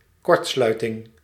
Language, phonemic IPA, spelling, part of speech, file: Dutch, /ˈkɔrt.slœy.tɪŋ/, kortsluiting, noun, Nl-kortsluiting.ogg
- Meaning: 1. short circuit 2. the act of communicating directly